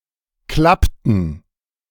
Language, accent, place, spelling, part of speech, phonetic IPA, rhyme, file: German, Germany, Berlin, klappten, verb, [ˈklaptn̩], -aptn̩, De-klappten.ogg
- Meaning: inflection of klappen: 1. first/third-person plural preterite 2. first/third-person plural subjunctive II